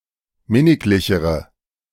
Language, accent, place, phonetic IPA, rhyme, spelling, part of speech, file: German, Germany, Berlin, [ˈmɪnɪklɪçəʁə], -ɪnɪklɪçəʁə, minniglichere, adjective, De-minniglichere.ogg
- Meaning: inflection of minniglich: 1. strong/mixed nominative/accusative feminine singular comparative degree 2. strong nominative/accusative plural comparative degree